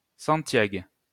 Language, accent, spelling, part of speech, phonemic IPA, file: French, France, santiag, noun, /sɑ̃.tjaɡ/, LL-Q150 (fra)-santiag.wav
- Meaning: cowboy boot